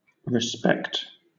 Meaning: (noun) 1. An attitude of consideration or high regard; a feeling of admiration or esteem 2. Good opinion, honor, or admiration 3. Polite greetings, often offered as condolences after a death
- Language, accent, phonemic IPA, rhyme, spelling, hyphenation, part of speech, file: English, Southern England, /ɹɪˈspɛkt/, -ɛkt, respect, re‧spect, noun / verb / interjection, LL-Q1860 (eng)-respect.wav